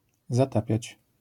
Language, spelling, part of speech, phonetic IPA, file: Polish, zatapiać, verb, [zaˈtapʲjät͡ɕ], LL-Q809 (pol)-zatapiać.wav